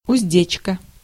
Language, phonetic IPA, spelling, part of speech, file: Russian, [ʊzʲˈdʲet͡ɕkə], уздечка, noun, Ru-уздечка.ogg
- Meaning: 1. bridle (headgear for horse) 2. frenulum, frenum